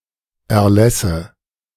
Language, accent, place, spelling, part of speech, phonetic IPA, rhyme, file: German, Germany, Berlin, Erlässe, noun, [ɛɐ̯ˈlɛsə], -ɛsə, De-Erlässe.ogg
- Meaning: nominative/accusative/genitive plural of Erlass